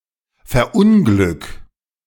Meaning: 1. singular imperative of verunglücken 2. first-person singular present of verunglücken
- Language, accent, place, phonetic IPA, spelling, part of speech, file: German, Germany, Berlin, [fɛɐ̯ˈʔʊnɡlʏk], verunglück, verb, De-verunglück.ogg